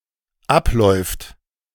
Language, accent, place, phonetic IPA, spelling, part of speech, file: German, Germany, Berlin, [ˈapˌlɔɪ̯ft], abläuft, verb, De-abläuft.ogg
- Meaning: third-person singular dependent present of ablaufen